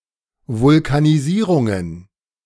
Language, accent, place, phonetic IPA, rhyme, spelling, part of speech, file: German, Germany, Berlin, [ˌvʊlkaniˈziːʁʊŋən], -iːʁʊŋən, Vulkanisierungen, noun, De-Vulkanisierungen.ogg
- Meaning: plural of Vulkanisierung